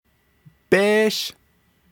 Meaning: 1. flint 2. iron 3. metal 4. knife, blade, bayonet 5. badge 6. apparatus 7. census number, numeric code
- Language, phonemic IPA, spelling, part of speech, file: Navajo, /péːʃ/, béésh, noun, Nv-béésh.ogg